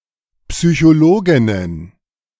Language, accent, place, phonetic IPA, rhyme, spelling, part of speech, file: German, Germany, Berlin, [psyçoˈloːɡɪnən], -oːɡɪnən, Psychologinnen, noun, De-Psychologinnen.ogg
- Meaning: plural of Psychologin